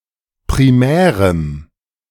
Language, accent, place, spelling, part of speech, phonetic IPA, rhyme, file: German, Germany, Berlin, primärem, adjective, [pʁiˈmɛːʁəm], -ɛːʁəm, De-primärem.ogg
- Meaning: strong dative masculine/neuter singular of primär